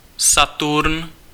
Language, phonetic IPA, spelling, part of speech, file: Czech, [ˈsaturn], Saturn, proper noun, Cs-Saturn.ogg
- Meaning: 1. Saturn (Roman god) 2. Saturn (planet)